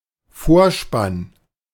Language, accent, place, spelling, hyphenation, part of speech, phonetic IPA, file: German, Germany, Berlin, Vorspann, Vor‧spann, noun, [ˈfoːɐ̯ˌʃpan], De-Vorspann.ogg
- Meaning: opening credits